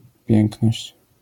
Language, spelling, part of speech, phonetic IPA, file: Polish, piękność, noun, [ˈpʲjɛ̃ŋknɔɕt͡ɕ], LL-Q809 (pol)-piękność.wav